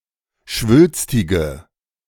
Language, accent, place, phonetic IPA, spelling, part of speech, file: German, Germany, Berlin, [ˈʃvʏlstɪɡə], schwülstige, adjective, De-schwülstige.ogg
- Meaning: inflection of schwülstig: 1. strong/mixed nominative/accusative feminine singular 2. strong nominative/accusative plural 3. weak nominative all-gender singular